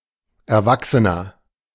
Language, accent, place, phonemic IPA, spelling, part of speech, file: German, Germany, Berlin, /ɛɐ̯ˈvaksənɐ/, Erwachsener, noun, De-Erwachsener.ogg
- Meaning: 1. adult, grown-up 2. inflection of Erwachsene: strong genitive/dative singular 3. inflection of Erwachsene: strong genitive plural